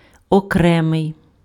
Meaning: separate, discrete, distinct, individual
- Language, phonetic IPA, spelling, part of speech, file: Ukrainian, [ɔˈkrɛmei̯], окремий, adjective, Uk-окремий.ogg